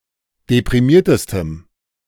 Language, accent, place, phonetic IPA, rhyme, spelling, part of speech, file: German, Germany, Berlin, [depʁiˈmiːɐ̯təstəm], -iːɐ̯təstəm, deprimiertestem, adjective, De-deprimiertestem.ogg
- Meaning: strong dative masculine/neuter singular superlative degree of deprimiert